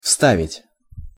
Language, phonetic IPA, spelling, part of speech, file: Russian, [ˈfstavʲɪtʲ], вставить, verb, Ru-вставить.ogg
- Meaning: to insert, to put in, to paste